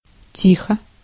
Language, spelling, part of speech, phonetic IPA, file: Russian, тихо, adverb / adjective / interjection, [ˈtʲixə], Ru-тихо.ogg
- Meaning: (adverb) 1. quietly, softly, gently, faintly, silently 2. quietly, calmly, peacefully 3. slowly; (adjective) it is calm, it is quiet (about a situation or the weather or sea); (interjection) be quiet!